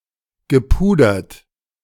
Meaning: past participle of pudern
- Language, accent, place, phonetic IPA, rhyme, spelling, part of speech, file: German, Germany, Berlin, [ɡəˈpuːdɐt], -uːdɐt, gepudert, adjective / verb, De-gepudert.ogg